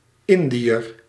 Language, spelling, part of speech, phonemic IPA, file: Dutch, Indiër, noun, /ˈɪnˌdi.ər/, Nl-Indiër.ogg
- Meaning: 1. an Indian (an inhabitant of the country, India) 2. an inhabitant of the Indies (esp. East Indies), in particular of the Dutch East Indies